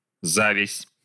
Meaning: ovary (plant)
- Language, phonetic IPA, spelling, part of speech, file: Russian, [ˈzavʲɪsʲ], завязь, noun, Ru-завязь.ogg